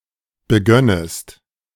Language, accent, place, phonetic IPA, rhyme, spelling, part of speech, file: German, Germany, Berlin, [bəˈɡœnəst], -œnəst, begönnest, verb, De-begönnest.ogg
- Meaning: second-person singular subjunctive II of beginnen